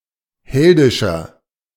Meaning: 1. comparative degree of heldisch 2. inflection of heldisch: strong/mixed nominative masculine singular 3. inflection of heldisch: strong genitive/dative feminine singular
- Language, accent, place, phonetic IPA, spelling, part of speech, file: German, Germany, Berlin, [ˈhɛldɪʃɐ], heldischer, adjective, De-heldischer.ogg